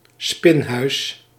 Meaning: 1. a place of confinement where inmates, usually women, were forced to spin threads 2. a room or building used for spinning threads, not belonging to a penal or mental institution
- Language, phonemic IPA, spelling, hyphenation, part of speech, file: Dutch, /ˈspɪn.ɦœy̯s/, spinhuis, spin‧huis, noun, Nl-spinhuis.ogg